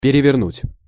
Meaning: 1. to turn around 2. to overturn, to turn over 3. to turn (a page) 4. to turn inside out 5. to turn upside down 6. to turn over (while searching, making a mess) 7. to transform, to radically change
- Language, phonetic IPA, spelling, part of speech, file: Russian, [pʲɪrʲɪvʲɪrˈnutʲ], перевернуть, verb, Ru-перевернуть.ogg